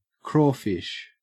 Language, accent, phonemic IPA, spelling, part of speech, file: English, Australia, /ˈkɹɔˌfɪʃ/, crawfish, noun / verb, En-au-crawfish.ogg
- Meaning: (noun) 1. Any of various freshwater crustaceans: crayfish 2. Any of various marine crustaceans, rock lobster; especially Jasus lalandii, the Cape crawfish